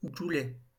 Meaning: 1. bottleneck (obstruction) 2. bottleneck (narrow part of a bottle)
- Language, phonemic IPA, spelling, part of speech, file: French, /ɡu.lɛ/, goulet, noun, LL-Q150 (fra)-goulet.wav